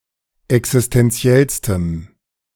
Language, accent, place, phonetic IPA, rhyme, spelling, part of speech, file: German, Germany, Berlin, [ɛksɪstɛnˈt͡si̯ɛlstəm], -ɛlstəm, existentiellstem, adjective, De-existentiellstem.ogg
- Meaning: strong dative masculine/neuter singular superlative degree of existentiell